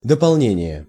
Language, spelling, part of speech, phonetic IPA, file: Russian, дополнение, noun, [dəpɐɫˈnʲenʲɪje], Ru-дополнение.ogg
- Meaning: 1. addition, supplement, addendum 2. object, complement